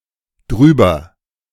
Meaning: contraction of darüber
- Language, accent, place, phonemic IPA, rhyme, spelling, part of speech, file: German, Germany, Berlin, /ˈdʁyːbɐ/, -yːbɐ, drüber, adverb, De-drüber.ogg